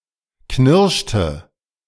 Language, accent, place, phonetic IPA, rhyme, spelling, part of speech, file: German, Germany, Berlin, [ˈknɪʁʃtə], -ɪʁʃtə, knirschte, verb, De-knirschte.ogg
- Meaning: inflection of knirschen: 1. first/third-person singular preterite 2. first/third-person singular subjunctive II